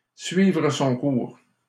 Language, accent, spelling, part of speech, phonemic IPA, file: French, Canada, suivre son cours, verb, /sɥi.vʁə sɔ̃ kuʁ/, LL-Q150 (fra)-suivre son cours.wav
- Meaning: to follow its course, to take its course, to continue, to progress, to come along